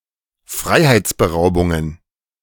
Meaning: plural of Freiheitsberaubung
- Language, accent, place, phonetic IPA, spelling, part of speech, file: German, Germany, Berlin, [ˈfʁaɪ̯haɪ̯t͡sbəˌʁaʊ̯bʊŋən], Freiheitsberaubungen, noun, De-Freiheitsberaubungen.ogg